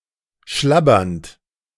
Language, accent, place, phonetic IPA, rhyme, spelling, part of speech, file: German, Germany, Berlin, [ˈʃlabɐnt], -abɐnt, schlabbernd, verb, De-schlabbernd.ogg
- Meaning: present participle of schlabbern